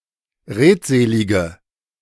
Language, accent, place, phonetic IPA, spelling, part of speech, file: German, Germany, Berlin, [ˈʁeːtˌzeːlɪɡə], redselige, adjective, De-redselige.ogg
- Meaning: inflection of redselig: 1. strong/mixed nominative/accusative feminine singular 2. strong nominative/accusative plural 3. weak nominative all-gender singular